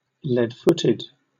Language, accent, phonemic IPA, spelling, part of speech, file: English, Southern England, /ˌlɛdˈfʊtɪd/, lead-footed, adjective, LL-Q1860 (eng)-lead-footed.wav
- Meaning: 1. Slow, boring, dull, or stupid 2. Tending to drive too fast